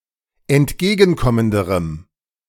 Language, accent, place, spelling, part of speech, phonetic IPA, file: German, Germany, Berlin, entgegenkommenderem, adjective, [ɛntˈɡeːɡn̩ˌkɔməndəʁəm], De-entgegenkommenderem.ogg
- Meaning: strong dative masculine/neuter singular comparative degree of entgegenkommend